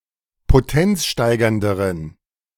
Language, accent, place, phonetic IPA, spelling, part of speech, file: German, Germany, Berlin, [poˈtɛnt͡sˌʃtaɪ̯ɡɐndəʁən], potenzsteigernderen, adjective, De-potenzsteigernderen.ogg
- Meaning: inflection of potenzsteigernd: 1. strong genitive masculine/neuter singular comparative degree 2. weak/mixed genitive/dative all-gender singular comparative degree